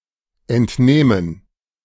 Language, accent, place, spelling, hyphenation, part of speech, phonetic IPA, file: German, Germany, Berlin, entnehmen, ent‧neh‧men, verb, [ʔɛntˈneːmən], De-entnehmen.ogg
- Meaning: 1. to take out, to remove (from a container or receptacle, into one's possession) 2. to take, to draw, to extract (from a source)